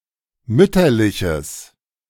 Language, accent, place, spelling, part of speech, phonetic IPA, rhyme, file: German, Germany, Berlin, mütterliches, adjective, [ˈmʏtɐlɪçəs], -ʏtɐlɪçəs, De-mütterliches.ogg
- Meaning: strong/mixed nominative/accusative neuter singular of mütterlich